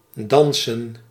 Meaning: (verb) to dance; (noun) plural of dans
- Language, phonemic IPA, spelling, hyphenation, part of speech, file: Dutch, /ˈdɑnsə(n)/, dansen, dan‧sen, verb / noun, Nl-dansen.ogg